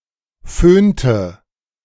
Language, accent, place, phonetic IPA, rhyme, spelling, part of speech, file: German, Germany, Berlin, [ˈføːntə], -øːntə, föhnte, verb, De-föhnte.ogg
- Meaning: inflection of föhnen: 1. first/third-person singular preterite 2. first/third-person singular subjunctive II